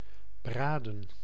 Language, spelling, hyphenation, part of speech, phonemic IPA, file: Dutch, braden, bra‧den, verb, /ˈbraːdə(n)/, Nl-braden.ogg
- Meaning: 1. to roast; to grill 2. to pan-fry